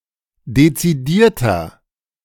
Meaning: 1. comparative degree of dezidiert 2. inflection of dezidiert: strong/mixed nominative masculine singular 3. inflection of dezidiert: strong genitive/dative feminine singular
- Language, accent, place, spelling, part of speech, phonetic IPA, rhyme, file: German, Germany, Berlin, dezidierter, adjective, [det͡siˈdiːɐ̯tɐ], -iːɐ̯tɐ, De-dezidierter.ogg